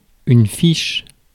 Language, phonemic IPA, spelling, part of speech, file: French, /fiʃ/, fiche, noun / verb, Fr-fiche.ogg
- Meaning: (noun) 1. record 2. card (in a file) 3. plug; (verb) inflection of ficher: 1. first/third-person singular present indicative/subjunctive 2. second-person singular imperative